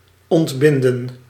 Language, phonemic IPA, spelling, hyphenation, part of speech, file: Dutch, /ˌɔntˈbɪn.də(n)/, ontbinden, ont‧bin‧den, verb, Nl-ontbinden.ogg
- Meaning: 1. to unbind 2. to dissolve, to disband, to break up 3. to decompose 4. to resolve, to analyse, to decompose